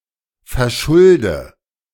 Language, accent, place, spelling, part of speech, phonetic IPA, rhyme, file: German, Germany, Berlin, verschulde, verb, [fɛɐ̯ˈʃʊldə], -ʊldə, De-verschulde.ogg
- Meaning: inflection of verschulden: 1. first-person singular present 2. first/third-person singular subjunctive I 3. singular imperative